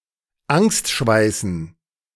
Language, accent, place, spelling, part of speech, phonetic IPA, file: German, Germany, Berlin, Angstschweißen, noun, [ˈaŋstˌʃvaɪ̯sn̩], De-Angstschweißen.ogg
- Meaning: dative plural of Angstschweiß